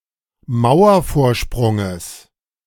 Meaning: genitive of Mauervorsprung
- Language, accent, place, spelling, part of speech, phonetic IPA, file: German, Germany, Berlin, Mauervorsprunges, noun, [ˈmaʊ̯ɐfoːɐ̯ˌʃpʁʊŋəs], De-Mauervorsprunges.ogg